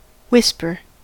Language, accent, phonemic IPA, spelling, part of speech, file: English, General American, /ˈ(h)wɪspɚ/, whisper, noun / verb, En-us-whisper.ogg
- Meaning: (noun) 1. The act of speaking in a quiet voice, especially without vibration of the vocal cords; the sound thus produced 2. A rumor 3. A faint trace or hint (of something)